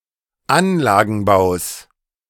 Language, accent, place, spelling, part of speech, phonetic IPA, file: German, Germany, Berlin, Anlagenbaus, noun, [ˈanlaːɡn̩ˌbaʊ̯s], De-Anlagenbaus.ogg
- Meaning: genitive singular of Anlagenbau